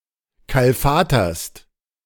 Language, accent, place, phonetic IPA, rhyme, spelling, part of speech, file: German, Germany, Berlin, [ˌkalˈfaːtɐst], -aːtɐst, kalfaterst, verb, De-kalfaterst.ogg
- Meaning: second-person singular present of kalfatern